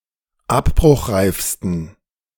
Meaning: 1. superlative degree of abbruchreif 2. inflection of abbruchreif: strong genitive masculine/neuter singular superlative degree
- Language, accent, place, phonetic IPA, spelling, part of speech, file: German, Germany, Berlin, [ˈapbʁʊxˌʁaɪ̯fstn̩], abbruchreifsten, adjective, De-abbruchreifsten.ogg